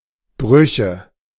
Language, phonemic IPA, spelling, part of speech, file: German, /ˈbʁʏçə/, Brüche, noun, De-Brüche.ogg
- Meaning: nominative/accusative/genitive plural of Bruch (“fracture”)